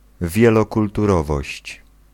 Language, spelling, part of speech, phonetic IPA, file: Polish, wielokulturowość, noun, [ˌvʲjɛlɔkultuˈrɔvɔɕt͡ɕ], Pl-wielokulturowość.ogg